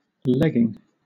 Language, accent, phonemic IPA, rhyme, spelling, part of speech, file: English, Southern England, /ˈlɛɡ.ɪŋ/, -ɛɡɪŋ, legging, noun / verb, LL-Q1860 (eng)-legging.wav
- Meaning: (noun) 1. A covering, usually of leather, worn from knee to ankle 2. Stretchy tight-fitting pants often worn by women or for exercise 3. One of the legs of a pair of trousers